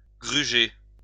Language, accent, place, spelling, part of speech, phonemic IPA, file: French, France, Lyon, gruger, verb, /ɡʁy.ʒe/, LL-Q150 (fra)-gruger.wav
- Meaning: 1. to dupe, con; to rob 2. to devour, scoff